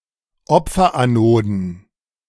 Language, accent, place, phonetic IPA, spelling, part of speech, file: German, Germany, Berlin, [ˈɔp͡fɐʔaˌnoːdn̩], Opferanoden, noun, De-Opferanoden.ogg
- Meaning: plural of Opferanode